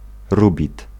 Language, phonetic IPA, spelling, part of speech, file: Polish, [ˈrubʲit], rubid, noun, Pl-rubid.ogg